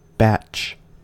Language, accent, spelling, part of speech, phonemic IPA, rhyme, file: English, US, batch, noun / verb / adjective, /bæt͡ʃ/, -ætʃ, En-us-batch.ogg
- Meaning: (noun) 1. The quantity of bread or other baked goods baked at one time 2. The quantity of bread or other baked goods baked at one time.: A quantity of anything produced at one operation